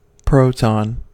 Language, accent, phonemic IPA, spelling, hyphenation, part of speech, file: English, US, /ˈpɹoʊ.tɑn/, proton, pro‧ton, noun, En-us-proton.ogg
- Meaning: A positively charged subatomic particle forming part of the nucleus of an atom and determining the atomic number of an element, composed of two up quarks and a down quark